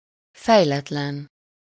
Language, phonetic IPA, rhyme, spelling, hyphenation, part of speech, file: Hungarian, [ˈfɛjlɛtlɛn], -ɛn, fejletlen, fej‧let‧len, adjective, Hu-fejletlen.ogg
- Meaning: undeveloped, immature, backward, underdeveloped